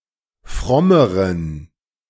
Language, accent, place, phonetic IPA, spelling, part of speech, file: German, Germany, Berlin, [ˈfʁɔməʁən], frommeren, adjective, De-frommeren.ogg
- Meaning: inflection of fromm: 1. strong genitive masculine/neuter singular comparative degree 2. weak/mixed genitive/dative all-gender singular comparative degree